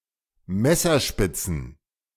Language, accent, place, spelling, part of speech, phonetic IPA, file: German, Germany, Berlin, Messerspitzen, noun, [ˈmɛsɐˌʃpɪt͡sn̩], De-Messerspitzen.ogg
- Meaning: plural of Messerspitze